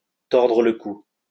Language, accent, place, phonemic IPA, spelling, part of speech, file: French, France, Lyon, /tɔʁ.dʁə l(ə) ku/, tordre le cou, verb, LL-Q150 (fra)-tordre le cou.wav
- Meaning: 1. to wring one's neck, to kill 2. to bring something to an end quickly, to stifle